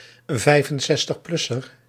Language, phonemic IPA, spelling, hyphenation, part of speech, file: Dutch, /ˌvɛi̯.fən.zɛs.təxˈplʏ.sər/, 65-plusser, 65-plus‧ser, noun, Nl-65-plusser.ogg
- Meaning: a person who is 65 years old or older, 65 having traditionally been the official retirement age in Belgium and the Netherlands